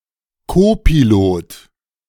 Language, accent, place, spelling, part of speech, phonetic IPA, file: German, Germany, Berlin, Kopilot, noun, [ˈkoːpiˌloːt], De-Kopilot.ogg
- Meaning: copilot